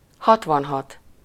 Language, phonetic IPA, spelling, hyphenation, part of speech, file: Hungarian, [ˈhɒtvɒnɦɒt], hatvanhat, hat‧van‧hat, numeral, Hu-hatvanhat.ogg
- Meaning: sixty-six